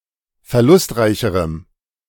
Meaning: strong dative masculine/neuter singular comparative degree of verlustreich
- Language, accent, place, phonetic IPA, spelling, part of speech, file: German, Germany, Berlin, [fɛɐ̯ˈlʊstˌʁaɪ̯çəʁəm], verlustreicherem, adjective, De-verlustreicherem.ogg